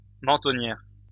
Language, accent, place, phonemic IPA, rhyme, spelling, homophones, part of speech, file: French, France, Lyon, /mɑ̃.tɔ.njɛʁ/, -ɛʁ, mentonnière, mentonnières, noun, LL-Q150 (fra)-mentonnière.wav
- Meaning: 1. beaver (lower part of a helmet) 2. chinrest